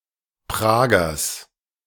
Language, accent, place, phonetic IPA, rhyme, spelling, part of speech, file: German, Germany, Berlin, [ˈpʁaːɡɐs], -aːɡɐs, Pragers, noun, De-Pragers.ogg
- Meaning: genitive singular of Prager